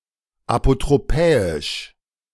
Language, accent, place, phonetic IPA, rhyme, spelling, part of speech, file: German, Germany, Berlin, [apotʁoˈpɛːɪʃ], -ɛːɪʃ, apotropäisch, adjective, De-apotropäisch.ogg
- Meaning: apotropaic